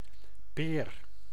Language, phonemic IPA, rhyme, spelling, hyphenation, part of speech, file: Dutch, /peːr/, -eːr, peer, peer, noun, Nl-peer.ogg
- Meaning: 1. a pear, a fruit of the pear tree 2. a light bulb 3. a pear tree, Pyrus communis